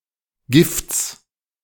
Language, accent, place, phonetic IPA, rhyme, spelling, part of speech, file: German, Germany, Berlin, [ɡɪft͡s], -ɪft͡s, Gifts, noun, De-Gifts.ogg
- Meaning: genitive singular of Gift